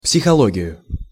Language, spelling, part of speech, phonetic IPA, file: Russian, психологию, noun, [psʲɪxɐˈɫoɡʲɪjʊ], Ru-психологию.ogg
- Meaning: accusative singular of психоло́гия (psixológija)